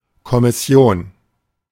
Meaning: commission (a body or group of people, officially tasked with carrying out a particular function)
- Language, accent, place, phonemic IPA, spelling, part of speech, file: German, Germany, Berlin, /kɔ.mɪ.ˈsi̯oːn/, Kommission, noun, De-Kommission.ogg